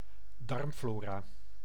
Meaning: intestinal flora, gut flora
- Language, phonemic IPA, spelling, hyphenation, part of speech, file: Dutch, /ˈdɑrmˌfloː.raː/, darmflora, darm‧flo‧ra, noun, Nl-darmflora.ogg